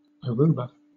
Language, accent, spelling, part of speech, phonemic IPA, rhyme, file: English, Southern England, Aruba, proper noun, /əˈɹuː.bə/, -uːbə, LL-Q1860 (eng)-Aruba.wav
- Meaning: An island, dependent territory, and constituent country of the Netherlands, in the Caribbean Sea